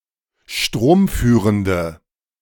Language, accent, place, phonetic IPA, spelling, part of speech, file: German, Germany, Berlin, [ˈʃtʁoːmˌfyːʁəndə], stromführende, adjective, De-stromführende.ogg
- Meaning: inflection of stromführend: 1. strong/mixed nominative/accusative feminine singular 2. strong nominative/accusative plural 3. weak nominative all-gender singular